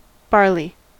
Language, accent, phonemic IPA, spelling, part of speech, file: English, US, /ˈbɑɹli/, barley, noun, En-us-barley.ogg
- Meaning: 1. A cereal of the species Hordeum vulgare or its grains, often used as food or to make beer and other malted drinks 2. The seed of Job's tears (Coix lacryma-jobi)